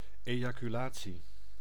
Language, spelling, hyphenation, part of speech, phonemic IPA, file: Dutch, ejaculatie, eja‧cu‧la‧tie, noun, /ˌeː.jaː.kyˈlaː.(t)si/, Nl-ejaculatie.ogg
- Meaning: 1. ejaculation 2. an uttering, 3. a quick, short prayer